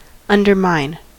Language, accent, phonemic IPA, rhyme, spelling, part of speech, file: English, US, /ˌʌn.dɚˈmaɪn/, -aɪn, undermine, verb, En-us-undermine.ogg
- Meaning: 1. To dig underneath (something), to make a passage for destructive or military purposes; to sap 2. To weaken or work against; to hinder, sabotage